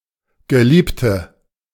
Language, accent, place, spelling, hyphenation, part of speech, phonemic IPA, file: German, Germany, Berlin, Geliebte, Ge‧lieb‧te, noun, /ɡəˈliːptə/, De-Geliebte.ogg
- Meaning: female equivalent of Geliebter: female beloved; female lover or romantic partner (now usually implying an affair, otherwise somewhat poetic)